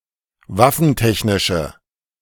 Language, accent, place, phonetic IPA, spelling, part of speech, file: German, Germany, Berlin, [ˈvafn̩ˌtɛçnɪʃə], waffentechnische, adjective, De-waffentechnische.ogg
- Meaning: inflection of waffentechnisch: 1. strong/mixed nominative/accusative feminine singular 2. strong nominative/accusative plural 3. weak nominative all-gender singular